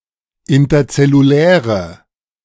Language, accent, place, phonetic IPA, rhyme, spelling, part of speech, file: German, Germany, Berlin, [ˌɪntɐt͡sɛluˈlɛːʁə], -ɛːʁə, interzelluläre, adjective, De-interzelluläre.ogg
- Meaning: inflection of interzellulär: 1. strong/mixed nominative/accusative feminine singular 2. strong nominative/accusative plural 3. weak nominative all-gender singular